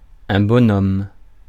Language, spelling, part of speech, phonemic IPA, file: French, bonhomme, noun, /bɔ.nɔm/, Fr-bonhomme.ogg
- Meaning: 1. fellow, chap 2. a basic figure meant to represent a person (e.g. a stick figure, a symbol on a sign, etc.) 3. scarecrow